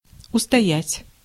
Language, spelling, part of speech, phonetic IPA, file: Russian, устоять, verb, [ʊstɐˈjætʲ], Ru-устоять.ogg
- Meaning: 1. to keep one's balance, to remain on one's feet, to stand one's ground, to stand fast 2. to resist, to withstand, to stand up (against)